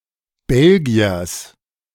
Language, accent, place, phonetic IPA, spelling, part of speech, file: German, Germany, Berlin, [ˈbɛlɡi̯ɐs], Belgiers, noun, De-Belgiers.ogg
- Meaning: genitive singular of Belgier